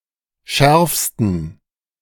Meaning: 1. superlative degree of scharf 2. inflection of scharf: strong genitive masculine/neuter singular superlative degree
- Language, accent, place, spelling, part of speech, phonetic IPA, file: German, Germany, Berlin, schärfsten, adjective, [ˈʃɛʁfstn̩], De-schärfsten.ogg